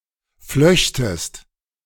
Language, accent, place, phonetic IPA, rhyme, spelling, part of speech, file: German, Germany, Berlin, [ˈflœçtəst], -œçtəst, flöchtest, verb, De-flöchtest.ogg
- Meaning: second-person singular subjunctive II of flechten